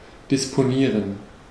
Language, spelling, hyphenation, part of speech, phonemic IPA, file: German, disponieren, dis‧po‧nie‧ren, verb, /dɪspoˈniːʁən/, De-disponieren.ogg
- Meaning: 1. to have at one's disposal 2. to plan ahead 3. to arrange